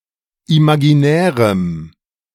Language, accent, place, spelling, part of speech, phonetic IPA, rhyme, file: German, Germany, Berlin, imaginärem, adjective, [imaɡiˈnɛːʁəm], -ɛːʁəm, De-imaginärem.ogg
- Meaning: strong dative masculine/neuter singular of imaginär